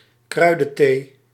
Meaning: herbal tea
- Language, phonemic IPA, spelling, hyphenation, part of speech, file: Dutch, /ˈkrœy̯.də(n)ˌteː/, kruidenthee, krui‧den‧thee, noun, Nl-kruidenthee.ogg